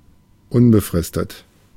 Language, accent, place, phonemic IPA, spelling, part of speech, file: German, Germany, Berlin, /ˈʊnbəfʁɪstət/, unbefristet, adjective, De-unbefristet.ogg
- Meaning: permanent